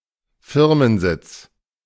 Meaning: headquarters
- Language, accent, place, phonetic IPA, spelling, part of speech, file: German, Germany, Berlin, [ˈfɪʁmənˌzɪt͡s], Firmensitz, noun, De-Firmensitz.ogg